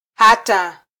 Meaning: 1. until 2. even 3. in order that
- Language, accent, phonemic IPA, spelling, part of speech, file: Swahili, Kenya, /ˈhɑ.tɑ/, hata, adverb, Sw-ke-hata.flac